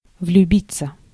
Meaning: 1. to fall in love (to come to have feelings of love) 2. passive of влюби́ть (vljubítʹ)
- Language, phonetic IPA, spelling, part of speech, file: Russian, [vlʲʉˈbʲit͡sːə], влюбиться, verb, Ru-влюбиться.ogg